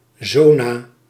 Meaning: shingles
- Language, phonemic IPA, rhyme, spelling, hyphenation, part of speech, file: Dutch, /ˈzoː.naː/, -oːnaː, zona, zo‧na, noun, Nl-zona.ogg